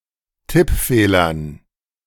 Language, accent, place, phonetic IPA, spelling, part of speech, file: German, Germany, Berlin, [ˈtɪpˌfeːlɐn], Tippfehlern, noun, De-Tippfehlern.ogg
- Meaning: dative plural of Tippfehler